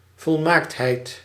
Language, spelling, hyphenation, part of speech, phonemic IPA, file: Dutch, volmaaktheid, vol‧maakt‧heid, noun, /vɔlˈmaːkt.ɦɛi̯t/, Nl-volmaaktheid.ogg
- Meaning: perfection (being perfect)